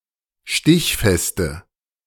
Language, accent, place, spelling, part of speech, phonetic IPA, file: German, Germany, Berlin, stichfeste, adjective, [ˈʃtɪçfɛstə], De-stichfeste.ogg
- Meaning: inflection of stichfest: 1. strong/mixed nominative/accusative feminine singular 2. strong nominative/accusative plural 3. weak nominative all-gender singular